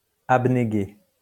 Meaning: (verb) past participle of abnéguer; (adjective) abnegated
- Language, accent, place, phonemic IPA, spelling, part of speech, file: French, France, Lyon, /ab.ne.ɡe/, abnégué, verb / adjective, LL-Q150 (fra)-abnégué.wav